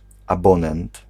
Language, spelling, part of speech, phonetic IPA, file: Polish, abonent, noun, [aˈbɔ̃nɛ̃nt], Pl-abonent.ogg